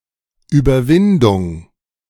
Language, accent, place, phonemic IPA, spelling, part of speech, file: German, Germany, Berlin, /yːbɐˈvɪndʊŋ/, Überwindung, noun, De-Überwindung.ogg
- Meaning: 1. overcoming, surmounting 2. conquest